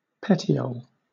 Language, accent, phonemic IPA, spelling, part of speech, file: English, Southern England, /ˈpɛti.əʊl/, petiole, noun, LL-Q1860 (eng)-petiole.wav
- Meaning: 1. The stalk of a leaf, attaching the blade to the stem 2. A narrow or constricted segment of the body of an insect; especially, the metasomal segment of certain Hymenoptera, such as wasps